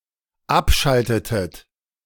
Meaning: inflection of abschalten: 1. second-person plural dependent preterite 2. second-person plural dependent subjunctive II
- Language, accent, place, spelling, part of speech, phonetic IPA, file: German, Germany, Berlin, abschaltetet, verb, [ˈapˌʃaltətət], De-abschaltetet.ogg